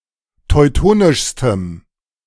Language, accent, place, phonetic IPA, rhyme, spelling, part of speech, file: German, Germany, Berlin, [tɔɪ̯ˈtoːnɪʃstəm], -oːnɪʃstəm, teutonischstem, adjective, De-teutonischstem.ogg
- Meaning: strong dative masculine/neuter singular superlative degree of teutonisch